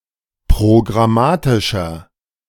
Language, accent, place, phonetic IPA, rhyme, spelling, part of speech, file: German, Germany, Berlin, [pʁoɡʁaˈmaːtɪʃɐ], -aːtɪʃɐ, programmatischer, adjective, De-programmatischer.ogg
- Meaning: 1. comparative degree of programmatisch 2. inflection of programmatisch: strong/mixed nominative masculine singular 3. inflection of programmatisch: strong genitive/dative feminine singular